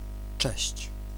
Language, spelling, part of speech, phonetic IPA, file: Polish, cześć, noun / interjection, [t͡ʃɛɕt͡ɕ], Pl-cześć.ogg